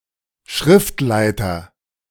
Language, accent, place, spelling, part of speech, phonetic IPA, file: German, Germany, Berlin, Schriftleiter, noun, [ˈʃrɪftlaɪ̯tɐ], De-Schriftleiter.ogg
- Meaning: editor